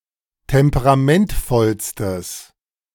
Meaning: strong/mixed nominative/accusative neuter singular superlative degree of temperamentvoll
- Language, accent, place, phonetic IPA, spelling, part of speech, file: German, Germany, Berlin, [ˌtɛmpəʁaˈmɛntfɔlstəs], temperamentvollstes, adjective, De-temperamentvollstes.ogg